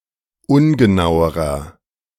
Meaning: inflection of ungenau: 1. strong/mixed nominative masculine singular comparative degree 2. strong genitive/dative feminine singular comparative degree 3. strong genitive plural comparative degree
- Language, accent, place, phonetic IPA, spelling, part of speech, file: German, Germany, Berlin, [ˈʊnɡəˌnaʊ̯əʁɐ], ungenauerer, adjective, De-ungenauerer.ogg